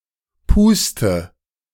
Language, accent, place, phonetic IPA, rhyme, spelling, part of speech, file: German, Germany, Berlin, [ˈpuːstə], -uːstə, puste, verb, De-puste.ogg
- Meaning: inflection of pusten: 1. first-person singular present 2. singular imperative 3. first/third-person singular subjunctive I